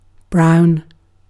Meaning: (noun) 1. A colour like that of chocolate or coffee 2. One of the colour balls used in snooker, with a value of 4 points 3. Black tar heroin 4. A copper coin 5. A brown horse or other animal
- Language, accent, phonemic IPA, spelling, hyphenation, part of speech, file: English, UK, /ˈbɹaʊ̯n/, brown, brown, noun / adjective / verb, En-uk-brown.ogg